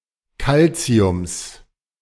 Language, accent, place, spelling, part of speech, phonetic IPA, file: German, Germany, Berlin, Calciums, noun, [ˈkalt͡si̯ʊms], De-Calciums.ogg
- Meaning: genitive singular of Calcium